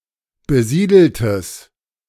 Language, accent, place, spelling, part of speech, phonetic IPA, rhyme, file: German, Germany, Berlin, besiedeltes, adjective, [bəˈziːdl̩təs], -iːdl̩təs, De-besiedeltes.ogg
- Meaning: strong/mixed nominative/accusative neuter singular of besiedelt